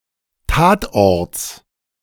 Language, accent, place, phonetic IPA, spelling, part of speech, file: German, Germany, Berlin, [ˈtaːtˌʔɔʁt͡s], Tatorts, noun, De-Tatorts.ogg
- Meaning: genitive singular of Tatort